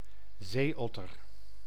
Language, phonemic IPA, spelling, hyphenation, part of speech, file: Dutch, /ˈzeːˌɔ.tər/, zeeotter, zee‧ot‧ter, noun, Nl-zeeotter.ogg
- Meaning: sea otter (Enhydra lutris)